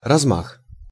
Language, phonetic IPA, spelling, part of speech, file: Russian, [rɐzˈmax], размах, noun, Ru-размах.ogg
- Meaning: 1. swing 2. sweep (a revolving motion) 3. wingspan 4. scope, range, sweep, scale (of activity)